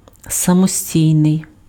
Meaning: 1. independent (not politically subordinate) 2. independent, self-reliant, standalone (operating separately without external support or direction)
- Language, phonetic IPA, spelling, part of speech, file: Ukrainian, [sɐmoˈsʲtʲii̯nei̯], самостійний, adjective, Uk-самостійний.ogg